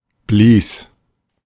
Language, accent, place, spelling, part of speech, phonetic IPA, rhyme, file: German, Germany, Berlin, blies, verb, [bliːs], -iːs, De-blies.ogg
- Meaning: first/third-person singular preterite of blasen